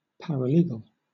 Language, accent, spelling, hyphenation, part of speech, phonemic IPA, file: English, Southern England, paralegal, par‧a‧le‧gal, noun, /ˌpæɹəˈliːɡl̩/, LL-Q1860 (eng)-paralegal.wav